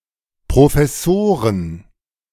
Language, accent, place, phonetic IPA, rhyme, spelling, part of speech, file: German, Germany, Berlin, [pʁofɛˈsoːʁən], -oːʁən, Professoren, noun, De-Professoren.ogg
- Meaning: plural of Professor